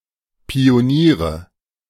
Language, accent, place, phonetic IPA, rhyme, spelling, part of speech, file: German, Germany, Berlin, [pioˈniːʁə], -iːʁə, Pioniere, noun, De-Pioniere.ogg
- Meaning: nominative/accusative/genitive plural of Pionier